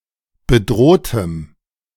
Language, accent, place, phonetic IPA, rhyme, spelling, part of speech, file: German, Germany, Berlin, [bəˈdʁoːtəm], -oːtəm, bedrohtem, adjective, De-bedrohtem.ogg
- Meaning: strong dative masculine/neuter singular of bedroht